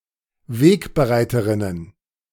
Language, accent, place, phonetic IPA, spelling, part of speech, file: German, Germany, Berlin, [ˈveːkbəˌʁaɪ̯təʁɪnən], Wegbereiterinnen, noun, De-Wegbereiterinnen.ogg
- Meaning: plural of Wegbereiterin